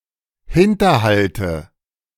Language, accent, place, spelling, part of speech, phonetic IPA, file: German, Germany, Berlin, Hinterhalte, noun, [ˈhɪntɐˌhaltə], De-Hinterhalte.ogg
- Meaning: nominative/accusative/genitive plural of Hinterhalt